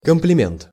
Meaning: compliment
- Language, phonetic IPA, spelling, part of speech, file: Russian, [kəmplʲɪˈmʲent], комплимент, noun, Ru-комплимент.ogg